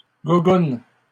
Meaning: flip-flop (footwear)
- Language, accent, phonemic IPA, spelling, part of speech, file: French, Canada, /ɡu.ɡun/, gougoune, noun, LL-Q150 (fra)-gougoune.wav